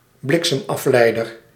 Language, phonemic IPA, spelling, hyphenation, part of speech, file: Dutch, /ˈblɪk.səm.ɑfˌlɛi̯.dər/, bliksemafleider, blik‧sem‧af‧lei‧der, noun, Nl-bliksemafleider.ogg
- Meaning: a lightning rod, lightning conductor